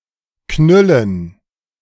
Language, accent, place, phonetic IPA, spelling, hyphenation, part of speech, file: German, Germany, Berlin, [ˈknʏlən], knüllen, knül‧len, verb, De-knüllen.ogg
- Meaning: to crumple